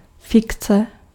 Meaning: fiction, invention, make-believe
- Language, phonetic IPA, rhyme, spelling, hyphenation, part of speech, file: Czech, [ˈfɪkt͡sɛ], -ɪktsɛ, fikce, fik‧ce, noun, Cs-fikce.ogg